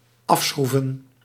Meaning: to screw off
- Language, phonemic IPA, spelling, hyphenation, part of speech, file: Dutch, /ˈɑfˌsxru.və(n)/, afschroeven, af‧schroe‧ven, verb, Nl-afschroeven.ogg